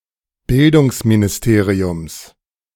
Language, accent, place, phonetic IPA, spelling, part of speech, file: German, Germany, Berlin, [ˈbɪldʊŋsminɪsˌteːʁiʊms], Bildungsministeriums, noun, De-Bildungsministeriums.ogg
- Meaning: genitive of Bildungsministerium